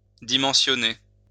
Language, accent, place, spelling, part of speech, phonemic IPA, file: French, France, Lyon, dimensionner, verb, /di.mɑ̃.sjɔ.ne/, LL-Q150 (fra)-dimensionner.wav
- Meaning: to size, size up